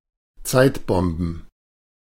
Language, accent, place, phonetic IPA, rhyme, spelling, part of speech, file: German, Germany, Berlin, [ˈt͡saɪ̯tˌbɔmbn̩], -aɪ̯tbɔmbn̩, Zeitbomben, noun, De-Zeitbomben.ogg
- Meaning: plural of Zeitbombe